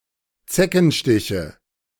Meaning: nominative/accusative/genitive plural of Zeckenstich
- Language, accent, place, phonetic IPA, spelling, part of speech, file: German, Germany, Berlin, [ˈt͡sɛkn̩ˌʃtɪçə], Zeckenstiche, noun, De-Zeckenstiche.ogg